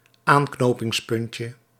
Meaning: diminutive of aanknopingspunt
- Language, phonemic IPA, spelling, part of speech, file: Dutch, /ˈaŋknopɪŋsˌpʏncə/, aanknopingspuntje, noun, Nl-aanknopingspuntje.ogg